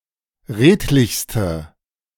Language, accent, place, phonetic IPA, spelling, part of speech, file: German, Germany, Berlin, [ˈʁeːtlɪçstə], redlichste, adjective, De-redlichste.ogg
- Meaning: inflection of redlich: 1. strong/mixed nominative/accusative feminine singular superlative degree 2. strong nominative/accusative plural superlative degree